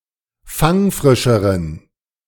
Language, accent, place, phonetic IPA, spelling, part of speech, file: German, Germany, Berlin, [ˈfaŋˌfʁɪʃəʁən], fangfrischeren, adjective, De-fangfrischeren.ogg
- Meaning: inflection of fangfrisch: 1. strong genitive masculine/neuter singular comparative degree 2. weak/mixed genitive/dative all-gender singular comparative degree